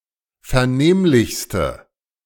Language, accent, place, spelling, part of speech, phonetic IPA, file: German, Germany, Berlin, vernehmlichste, adjective, [fɛɐ̯ˈneːmlɪçstə], De-vernehmlichste.ogg
- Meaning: inflection of vernehmlich: 1. strong/mixed nominative/accusative feminine singular superlative degree 2. strong nominative/accusative plural superlative degree